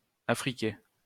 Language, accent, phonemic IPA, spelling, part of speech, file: French, France, /a.fʁi.ke/, affriquer, verb, LL-Q150 (fra)-affriquer.wav
- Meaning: to affricate